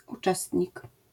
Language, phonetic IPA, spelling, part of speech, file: Polish, [uˈt͡ʃɛstʲɲik], uczestnik, noun, LL-Q809 (pol)-uczestnik.wav